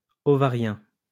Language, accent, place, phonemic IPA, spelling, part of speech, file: French, France, Lyon, /o.va.ʁjɛ̃/, ovarien, adjective, LL-Q150 (fra)-ovarien.wav
- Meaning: ovarian